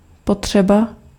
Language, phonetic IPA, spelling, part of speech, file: Czech, [ˈpotr̝̊ɛba], potřeba, noun, Cs-potřeba.ogg
- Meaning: need